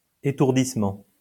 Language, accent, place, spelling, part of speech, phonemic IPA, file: French, France, Lyon, étourdissement, noun, /e.tuʁ.dis.mɑ̃/, LL-Q150 (fra)-étourdissement.wav
- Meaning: 1. blackout, dizzy spell 2. surprise; exhilaration